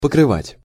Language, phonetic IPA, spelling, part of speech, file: Russian, [pəkrɨˈvatʲ], покрывать, verb, Ru-покрывать.ogg
- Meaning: 1. to cover 2. to drown out 3. to mount (an animal to mate) 4. to extend (to possess a certain extent; to cover an amount of space)